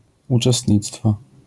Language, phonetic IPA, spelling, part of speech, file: Polish, [ˌut͡ʃɛˈstʲɲit͡stfɔ], uczestnictwo, noun, LL-Q809 (pol)-uczestnictwo.wav